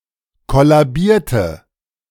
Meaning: inflection of kollabieren: 1. first/third-person singular preterite 2. first/third-person singular subjunctive II
- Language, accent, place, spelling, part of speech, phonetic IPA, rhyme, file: German, Germany, Berlin, kollabierte, adjective / verb, [ˌkɔlaˈbiːɐ̯tə], -iːɐ̯tə, De-kollabierte.ogg